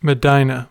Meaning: A major city, the capital of Medina province, Saudi Arabia, holy to Islam, 200 miles north of Mecca along the Hejaz, from which the Hijra was launched; contains Muhammad's tomb
- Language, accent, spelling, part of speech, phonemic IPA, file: English, US, Medina, proper noun, /məˈdinə/, En-us-Medina.ogg